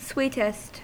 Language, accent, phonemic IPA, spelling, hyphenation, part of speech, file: English, US, /ˈswiːtəst/, sweetest, sweet‧est, adjective, En-us-sweetest.ogg
- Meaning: superlative form of sweet: most sweet